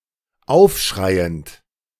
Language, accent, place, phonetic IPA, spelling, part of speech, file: German, Germany, Berlin, [ˈaʊ̯fˌʃʁaɪ̯ənt], aufschreiend, verb, De-aufschreiend.ogg
- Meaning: present participle of aufschreien